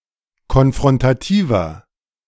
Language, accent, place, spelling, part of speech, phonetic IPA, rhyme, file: German, Germany, Berlin, konfrontativer, adjective, [kɔnfʁɔntaˈtiːvɐ], -iːvɐ, De-konfrontativer.ogg
- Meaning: inflection of konfrontativ: 1. strong/mixed nominative masculine singular 2. strong genitive/dative feminine singular 3. strong genitive plural